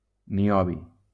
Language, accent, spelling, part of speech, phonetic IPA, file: Catalan, Valencia, niobi, noun, [niˈɔ.bi], LL-Q7026 (cat)-niobi.wav
- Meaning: niobium